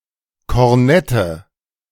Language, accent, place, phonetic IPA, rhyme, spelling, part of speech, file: German, Germany, Berlin, [kɔʁˈnɛtə], -ɛtə, Kornette, noun, De-Kornette.ogg
- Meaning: nominative/accusative/genitive plural of Kornett